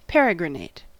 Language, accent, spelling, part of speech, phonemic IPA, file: English, US, peregrinate, verb / adjective, /ˈpɛ.ɹɪ.ɡɹəˌneɪt/, En-us-peregrinate.ogg
- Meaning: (verb) 1. To travel from place to place, or from one country to another, especially on foot; hence, to sojourn in foreign countries 2. To travel through a specific place